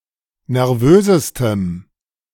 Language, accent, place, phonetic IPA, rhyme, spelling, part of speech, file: German, Germany, Berlin, [nɛʁˈvøːzəstəm], -øːzəstəm, nervösestem, adjective, De-nervösestem.ogg
- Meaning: strong dative masculine/neuter singular superlative degree of nervös